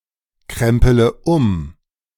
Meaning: inflection of umkrempeln: 1. first-person singular present 2. first/third-person singular subjunctive I 3. singular imperative
- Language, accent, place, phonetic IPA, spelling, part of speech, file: German, Germany, Berlin, [ˌkʁɛmpələ ˈʊm], krempele um, verb, De-krempele um.ogg